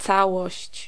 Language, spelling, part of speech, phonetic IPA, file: Polish, całość, noun, [ˈt͡sawɔɕt͡ɕ], Pl-całość.ogg